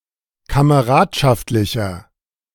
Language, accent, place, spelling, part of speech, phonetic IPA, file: German, Germany, Berlin, kameradschaftlicher, adjective, [kaməˈʁaːtʃaftlɪçɐ], De-kameradschaftlicher.ogg
- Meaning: 1. comparative degree of kameradschaftlich 2. inflection of kameradschaftlich: strong/mixed nominative masculine singular 3. inflection of kameradschaftlich: strong genitive/dative feminine singular